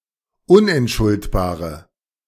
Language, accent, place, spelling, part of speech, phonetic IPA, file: German, Germany, Berlin, unentschuldbare, adjective, [ˈʊnʔɛntˌʃʊltbaːʁə], De-unentschuldbare.ogg
- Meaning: inflection of unentschuldbar: 1. strong/mixed nominative/accusative feminine singular 2. strong nominative/accusative plural 3. weak nominative all-gender singular